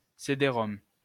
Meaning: CD-ROM
- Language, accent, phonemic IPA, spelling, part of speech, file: French, France, /se.de.ʁɔm/, cédérom, noun, LL-Q150 (fra)-cédérom.wav